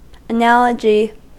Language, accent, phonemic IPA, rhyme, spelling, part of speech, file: English, US, /əˈnæləd͡ʒi/, -ælədʒi, analogy, noun, En-us-analogy.ogg
- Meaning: 1. A relationship of resemblance or equivalence between two situations, people, or objects, especially when used as a basis for explanation or extrapolation 2. The proportion or the equality of ratios